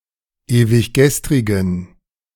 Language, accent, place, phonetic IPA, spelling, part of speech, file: German, Germany, Berlin, [eːvɪçˈɡɛstʁɪɡn̩], ewiggestrigen, adjective, De-ewiggestrigen.ogg
- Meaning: inflection of ewiggestrig: 1. strong genitive masculine/neuter singular 2. weak/mixed genitive/dative all-gender singular 3. strong/weak/mixed accusative masculine singular 4. strong dative plural